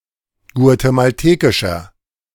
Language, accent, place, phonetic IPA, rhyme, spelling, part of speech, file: German, Germany, Berlin, [ɡu̯atemalˈteːkɪʃɐ], -eːkɪʃɐ, guatemaltekischer, adjective, De-guatemaltekischer.ogg
- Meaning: inflection of guatemaltekisch: 1. strong/mixed nominative masculine singular 2. strong genitive/dative feminine singular 3. strong genitive plural